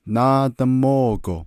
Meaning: next week
- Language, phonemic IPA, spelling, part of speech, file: Navajo, /nɑ́ːtɑ̀môːkò/, náádamóogo, adverb, Nv-náádamóogo.ogg